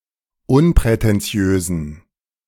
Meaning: inflection of unprätentiös: 1. strong genitive masculine/neuter singular 2. weak/mixed genitive/dative all-gender singular 3. strong/weak/mixed accusative masculine singular 4. strong dative plural
- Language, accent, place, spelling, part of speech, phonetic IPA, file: German, Germany, Berlin, unprätentiösen, adjective, [ˈʊnpʁɛtɛnˌt͡si̯øːzn̩], De-unprätentiösen.ogg